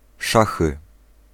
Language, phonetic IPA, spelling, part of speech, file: Polish, [ˈʃaxɨ], szachy, noun, Pl-szachy.ogg